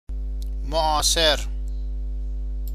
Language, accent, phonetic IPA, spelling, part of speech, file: Persian, Iran, [mo.ʔɒː.seɹ], معاصر, adjective, Fa-معاصر.ogg
- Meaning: contemporary